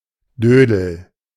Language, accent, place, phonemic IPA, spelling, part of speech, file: German, Germany, Berlin, /ˈdøːdl̩/, Dödel, noun, De-Dödel.ogg
- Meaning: 1. fool, idiot 2. dick, cock (penis)